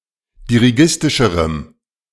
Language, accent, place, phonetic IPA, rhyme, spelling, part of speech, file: German, Germany, Berlin, [diʁiˈɡɪstɪʃəʁəm], -ɪstɪʃəʁəm, dirigistischerem, adjective, De-dirigistischerem.ogg
- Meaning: strong dative masculine/neuter singular comparative degree of dirigistisch